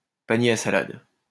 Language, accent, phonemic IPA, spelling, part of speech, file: French, France, /pa.nje a sa.lad/, panier à salade, noun, LL-Q150 (fra)-panier à salade.wav
- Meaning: 1. salad shaker; salad spinner 2. paddy wagon, Black Maria (police van)